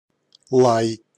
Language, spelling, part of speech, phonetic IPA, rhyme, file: Russian, лай, noun / verb, [ɫaj], -aj, Ru-лай.ogg
- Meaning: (noun) bark (of a dog or other animal), barking, yelp; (verb) second-person singular imperative imperfective of ла́ять (lájatʹ)